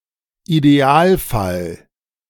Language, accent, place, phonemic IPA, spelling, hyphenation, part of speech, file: German, Germany, Berlin, /ideˈaːlˌfal/, Idealfall, Ide‧al‧fall, noun, De-Idealfall.ogg
- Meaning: ideal case